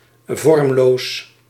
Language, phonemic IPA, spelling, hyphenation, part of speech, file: Dutch, /ˈvɔrᵊmˌlos/, vormloos, vorm‧loos, adjective, Nl-vormloos.ogg
- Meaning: formless, shapeless